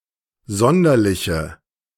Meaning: inflection of sonderlich: 1. strong/mixed nominative/accusative feminine singular 2. strong nominative/accusative plural 3. weak nominative all-gender singular
- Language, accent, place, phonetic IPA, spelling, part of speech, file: German, Germany, Berlin, [ˈzɔndɐlɪçə], sonderliche, adjective, De-sonderliche.ogg